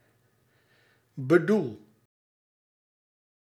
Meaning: inflection of bedoelen: 1. first-person singular present indicative 2. second-person singular present indicative 3. imperative
- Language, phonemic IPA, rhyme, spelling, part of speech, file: Dutch, /bəˈdul/, -ul, bedoel, verb, Nl-bedoel.ogg